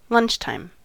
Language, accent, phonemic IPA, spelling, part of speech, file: English, US, /ˈlʌnt͡ʃtaɪm/, lunchtime, noun, En-us-lunchtime.ogg
- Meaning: 1. The time or hour at or around which lunch is normally eaten 2. A break in work or school to eat lunch